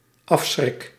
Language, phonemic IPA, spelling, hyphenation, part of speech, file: Dutch, /ˈɑf.sxrɪk/, afschrik, af‧schrik, noun / verb, Nl-afschrik.ogg
- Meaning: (noun) 1. deterrent 2. horror; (verb) first-person singular dependent-clause present indicative of afschrikken